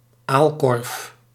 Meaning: eelpot, eelbuck (device for catching eels)
- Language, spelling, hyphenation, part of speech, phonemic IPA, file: Dutch, aalkorf, aal‧korf, noun, /ˈaːl.kɔrf/, Nl-aalkorf.ogg